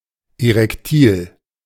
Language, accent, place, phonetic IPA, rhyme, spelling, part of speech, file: German, Germany, Berlin, [eʁɛkˈtiːl], -iːl, erektil, adjective, De-erektil.ogg
- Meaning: erectile